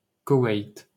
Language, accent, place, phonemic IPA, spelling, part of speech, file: French, France, Paris, /ko.wɛjt/, Koweït, proper noun, LL-Q150 (fra)-Koweït.wav
- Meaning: 1. Kuwait (a country in West Asia in the Middle East) 2. Kuwait City (the capital city of Kuwait)